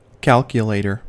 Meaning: 1. A mechanical or electronic device that performs mathematical calculations; (now usually) an electronic one specifically 2. A person who performs mathematical calculation
- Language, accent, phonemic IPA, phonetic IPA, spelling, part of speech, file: English, US, /kæl.kjə.leɪ.tɚ/, [ˈkʰæɫ.kjəˌleɪ̯.ɾɚ], calculator, noun, En-us-calculator.ogg